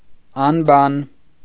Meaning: 1. irrational, unreasonable, unintelligent 2. unemployed, jobless 3. lazy, indolent, idle (avoiding work) 4. tongueless, mute (unable to speak)
- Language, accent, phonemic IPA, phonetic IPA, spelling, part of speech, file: Armenian, Eastern Armenian, /ɑnˈbɑn/, [ɑnbɑ́n], անբան, adjective, Hy-անբան.ogg